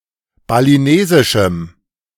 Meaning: strong dative masculine/neuter singular of balinesisch
- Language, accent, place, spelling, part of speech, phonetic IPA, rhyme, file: German, Germany, Berlin, balinesischem, adjective, [baliˈneːzɪʃm̩], -eːzɪʃm̩, De-balinesischem.ogg